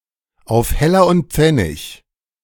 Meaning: to the last penny
- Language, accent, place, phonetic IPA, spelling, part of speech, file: German, Germany, Berlin, [aʊ̯f ˈhɛlɐ ʊnt ˈp͡fɛnɪç], auf Heller und Pfennig, prepositional phrase, De-auf Heller und Pfennig.ogg